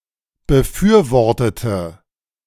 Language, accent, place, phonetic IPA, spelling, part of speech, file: German, Germany, Berlin, [bəˈfyːɐ̯ˌvɔʁtətə], befürwortete, adjective / verb, De-befürwortete.ogg
- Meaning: inflection of befürworten: 1. first/third-person singular preterite 2. first/third-person singular subjunctive II